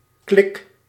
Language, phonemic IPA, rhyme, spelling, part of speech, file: Dutch, /klɪk/, -ɪk, klik, noun / verb, Nl-klik.ogg
- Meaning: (noun) 1. click, sharp sound 2. a good connection between (two) people 3. a press of a mouse button 4. click consonant; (verb) inflection of klikken: first-person singular present indicative